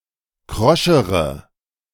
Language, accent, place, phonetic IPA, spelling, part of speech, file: German, Germany, Berlin, [ˈkʁɔʃəʁə], kroschere, adjective, De-kroschere.ogg
- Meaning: inflection of krosch: 1. strong/mixed nominative/accusative feminine singular comparative degree 2. strong nominative/accusative plural comparative degree